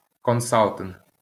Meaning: consulting
- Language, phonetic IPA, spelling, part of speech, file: Ukrainian, [kɔnˈsaɫtenɦ], консалтинг, noun, LL-Q8798 (ukr)-консалтинг.wav